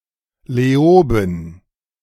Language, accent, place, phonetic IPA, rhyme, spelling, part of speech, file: German, Germany, Berlin, [leˈoːbn̩], -oːbn̩, Leoben, proper noun, De-Leoben.ogg
- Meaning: a municipality of Styria, Austria